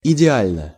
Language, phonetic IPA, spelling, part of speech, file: Russian, [ɪdʲɪˈalʲnə], идеально, adverb / adjective, Ru-идеально.ogg
- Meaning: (adverb) ideally (in various senses); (adjective) short neuter singular of идеа́льный (ideálʹnyj)